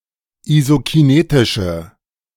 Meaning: inflection of isokinetisch: 1. strong/mixed nominative/accusative feminine singular 2. strong nominative/accusative plural 3. weak nominative all-gender singular
- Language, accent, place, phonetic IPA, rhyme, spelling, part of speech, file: German, Germany, Berlin, [izokiˈneːtɪʃə], -eːtɪʃə, isokinetische, adjective, De-isokinetische.ogg